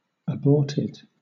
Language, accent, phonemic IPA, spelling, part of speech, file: English, Southern England, /əˈbɔɹtɪd/, aborted, adjective / verb, LL-Q1860 (eng)-aborted.wav
- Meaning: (adjective) 1. Stopped before completion; especially because of problems or danger 2. Brought forth prematurely 3. Checked in normal development at an early stage